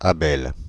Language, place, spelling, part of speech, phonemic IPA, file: French, Paris, Abel, proper noun, /a.bɛl/, Fr-Abel.oga
- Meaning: 1. Abel (biblical character) 2. a diminutive of the male given names Abeau and Abelin